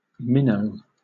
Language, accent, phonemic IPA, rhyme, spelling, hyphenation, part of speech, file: English, Southern England, /ˈmɪnəʊ/, -ɪnəʊ, minnow, min‧now, noun / adjective / verb, LL-Q1860 (eng)-minnow.wav
- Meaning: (noun) Any of certain small fish